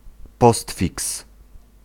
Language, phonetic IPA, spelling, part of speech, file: Polish, [ˈpɔstfʲiks], postfiks, noun, Pl-postfiks.ogg